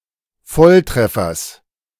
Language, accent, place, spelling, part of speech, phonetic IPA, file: German, Germany, Berlin, Volltreffers, noun, [ˈfɔlˌtʁɛfɐs], De-Volltreffers.ogg
- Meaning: genitive singular of Volltreffer